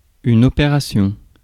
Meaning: 1. operation (method by which a device performs its function) 2. operation (medical operation)
- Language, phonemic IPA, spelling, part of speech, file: French, /ɔ.pe.ʁa.sjɔ̃/, opération, noun, Fr-opération.ogg